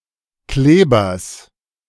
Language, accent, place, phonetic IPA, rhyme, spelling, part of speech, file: German, Germany, Berlin, [ˈkleːbɐs], -eːbɐs, Klebers, noun, De-Klebers.ogg
- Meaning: genitive singular of Kleber